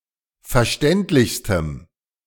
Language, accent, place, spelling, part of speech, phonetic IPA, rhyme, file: German, Germany, Berlin, verständlichstem, adjective, [fɛɐ̯ˈʃtɛntlɪçstəm], -ɛntlɪçstəm, De-verständlichstem.ogg
- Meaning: strong dative masculine/neuter singular superlative degree of verständlich